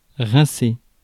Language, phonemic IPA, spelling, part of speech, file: French, /ʁɛ̃.se/, rincer, verb, Fr-rincer.ogg
- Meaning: 1. to rinse 2. to drink a lot of alcohol